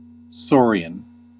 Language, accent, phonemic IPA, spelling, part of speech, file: English, US, /ˈsɔɹiən/, saurian, noun / adjective, En-us-saurian.ogg
- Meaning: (noun) 1. A reptile of the suborder Sauria 2. Any large reptilian animal, including crocodiles and reptilian aliens 3. A lizardlike person